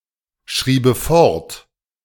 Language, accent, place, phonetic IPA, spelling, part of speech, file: German, Germany, Berlin, [ˌʃʁiːbə ˈfɔʁt], schriebe fort, verb, De-schriebe fort.ogg
- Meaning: first/third-person singular subjunctive II of fortschreiben